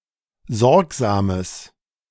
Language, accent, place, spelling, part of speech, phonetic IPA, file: German, Germany, Berlin, sorgsames, adjective, [ˈzɔʁkzaːməs], De-sorgsames.ogg
- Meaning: strong/mixed nominative/accusative neuter singular of sorgsam